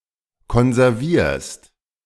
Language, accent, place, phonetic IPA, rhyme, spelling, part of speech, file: German, Germany, Berlin, [kɔnzɛʁˈviːɐ̯st], -iːɐ̯st, konservierst, verb, De-konservierst.ogg
- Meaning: second-person singular present of konservieren